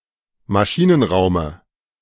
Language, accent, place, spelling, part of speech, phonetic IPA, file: German, Germany, Berlin, Maschinenraume, noun, [maˈʃiːnənˌʁaʊ̯mə], De-Maschinenraume.ogg
- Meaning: dative singular of Maschinenraum